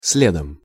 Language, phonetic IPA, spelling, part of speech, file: Russian, [ˈs⁽ʲ⁾lʲedəm], следом, noun / adverb, Ru-следом.ogg
- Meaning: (noun) instrumental singular of след (sled); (adverb) after, (right) behind